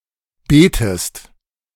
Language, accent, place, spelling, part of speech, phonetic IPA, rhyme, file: German, Germany, Berlin, betest, verb, [ˈbeːtəst], -eːtəst, De-betest.ogg
- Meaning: inflection of beten: 1. second-person singular present 2. second-person singular subjunctive I